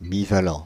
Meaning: bivalent
- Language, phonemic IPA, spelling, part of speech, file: French, /bi.va.lɑ̃/, bivalent, adjective, Fr-bivalent.ogg